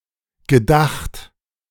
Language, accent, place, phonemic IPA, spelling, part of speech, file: German, Germany, Berlin, /ɡəˈdaxt/, gedacht, verb, De-gedacht.ogg
- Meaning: 1. past participle of denken 2. past participle of gedenken